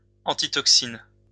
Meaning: antitoxin
- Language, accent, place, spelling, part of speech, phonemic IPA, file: French, France, Lyon, antitoxine, noun, /ɑ̃.ti.tɔk.sin/, LL-Q150 (fra)-antitoxine.wav